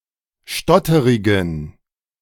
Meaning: inflection of stotterig: 1. strong genitive masculine/neuter singular 2. weak/mixed genitive/dative all-gender singular 3. strong/weak/mixed accusative masculine singular 4. strong dative plural
- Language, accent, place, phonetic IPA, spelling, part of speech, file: German, Germany, Berlin, [ˈʃtɔtəʁɪɡn̩], stotterigen, adjective, De-stotterigen.ogg